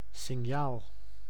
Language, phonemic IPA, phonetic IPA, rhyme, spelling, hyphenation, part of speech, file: Dutch, /sɪnˈjaːl/, [sɪˈɲaːl], -aːl, signaal, sign‧aal, noun, Nl-signaal.ogg
- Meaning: 1. signal (sign made to give notice) 2. signal (electromagnetic action that conveys information) 3. signal (simple interprocess communication)